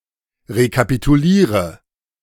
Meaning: inflection of rekapitulieren: 1. first-person singular present 2. singular imperative 3. first/third-person singular subjunctive I
- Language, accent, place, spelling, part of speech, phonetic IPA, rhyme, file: German, Germany, Berlin, rekapituliere, verb, [ʁekapituˈliːʁə], -iːʁə, De-rekapituliere.ogg